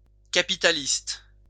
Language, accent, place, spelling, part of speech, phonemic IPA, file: French, France, Lyon, capitaliste, noun / adjective, /ka.pi.ta.list/, LL-Q150 (fra)-capitaliste.wav
- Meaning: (noun) capitalist